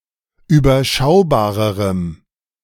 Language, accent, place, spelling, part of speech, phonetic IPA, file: German, Germany, Berlin, überschaubarerem, adjective, [yːbɐˈʃaʊ̯baːʁəʁəm], De-überschaubarerem.ogg
- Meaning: strong dative masculine/neuter singular comparative degree of überschaubar